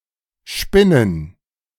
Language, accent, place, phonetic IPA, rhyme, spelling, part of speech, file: German, Germany, Berlin, [ˈʃpɪnən], -ɪnən, Spinnen, noun, De-Spinnen.ogg
- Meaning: plural of Spinne